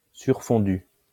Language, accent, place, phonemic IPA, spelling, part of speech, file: French, France, Lyon, /syʁ.fɔ̃.dy/, surfondu, verb / adjective, LL-Q150 (fra)-surfondu.wav
- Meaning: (verb) past participle of surfondre; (adjective) supercooled